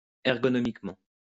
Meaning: ergonomically
- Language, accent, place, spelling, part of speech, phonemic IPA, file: French, France, Lyon, ergonomiquement, adverb, /ɛʁ.ɡɔ.nɔ.mik.mɑ̃/, LL-Q150 (fra)-ergonomiquement.wav